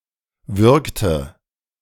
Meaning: inflection of würgen: 1. first/third-person singular preterite 2. first/third-person singular subjunctive II
- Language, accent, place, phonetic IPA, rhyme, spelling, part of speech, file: German, Germany, Berlin, [ˈvʏʁktə], -ʏʁktə, würgte, verb, De-würgte.ogg